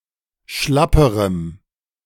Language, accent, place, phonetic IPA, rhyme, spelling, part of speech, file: German, Germany, Berlin, [ˈʃlapəʁəm], -apəʁəm, schlapperem, adjective, De-schlapperem.ogg
- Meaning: strong dative masculine/neuter singular comparative degree of schlapp